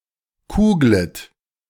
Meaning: second-person plural subjunctive I of kugeln
- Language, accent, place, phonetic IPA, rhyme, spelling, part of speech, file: German, Germany, Berlin, [ˈkuːɡlət], -uːɡlət, kuglet, verb, De-kuglet.ogg